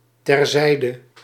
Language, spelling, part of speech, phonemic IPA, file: Dutch, terzijde, adverb, /tɛrˈzɛi̯də/, Nl-terzijde.ogg
- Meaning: aside